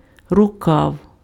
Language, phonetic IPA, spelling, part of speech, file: Ukrainian, [rʊˈkau̯], рукав, noun, Uk-рукав.ogg
- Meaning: 1. sleeve 2. arm, channel, distributary (side stream off of a river) 3. hose (tube for carrying liquid)